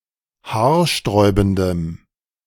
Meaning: strong dative masculine/neuter singular of haarsträubend
- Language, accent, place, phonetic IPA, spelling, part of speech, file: German, Germany, Berlin, [ˈhaːɐ̯ˌʃtʁɔɪ̯bn̩dəm], haarsträubendem, adjective, De-haarsträubendem.ogg